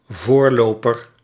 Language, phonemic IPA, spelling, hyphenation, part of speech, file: Dutch, /ˈvoːrˌloː.pər/, voorloper, voor‧lo‧per, noun, Nl-voorloper.ogg
- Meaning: 1. forerunner, precursor, someone or something that prefigures or is an antecedent of something or someone else 2. forerunner, someone who runs, or otherwise goes, in front